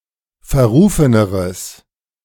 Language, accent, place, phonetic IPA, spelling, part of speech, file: German, Germany, Berlin, [fɛɐ̯ˈʁuːfənəʁəs], verrufeneres, adjective, De-verrufeneres.ogg
- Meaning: strong/mixed nominative/accusative neuter singular comparative degree of verrufen